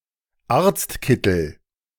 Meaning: doctor's coat
- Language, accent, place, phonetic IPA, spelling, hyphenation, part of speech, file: German, Germany, Berlin, [ˈaːɐ̯t͡stˌkɪtl̩], Arztkittel, Arzt‧kit‧tel, noun, De-Arztkittel.ogg